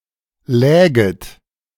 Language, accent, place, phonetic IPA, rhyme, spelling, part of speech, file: German, Germany, Berlin, [ˈlɛːɡət], -ɛːɡət, läget, verb, De-läget.ogg
- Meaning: second-person plural subjunctive II of liegen